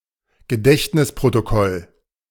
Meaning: minutes written from memory
- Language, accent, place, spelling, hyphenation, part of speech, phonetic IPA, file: German, Germany, Berlin, Gedächtnisprotokoll, Ge‧dächt‧nis‧pro‧to‧koll, noun, [ɡəˈdɛçtnɪspʁotoˌkɔl], De-Gedächtnisprotokoll.ogg